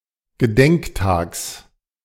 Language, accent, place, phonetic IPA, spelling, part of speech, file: German, Germany, Berlin, [ɡəˈdɛŋkˌtaːks], Gedenktags, noun, De-Gedenktags.ogg
- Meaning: genitive of Gedenktag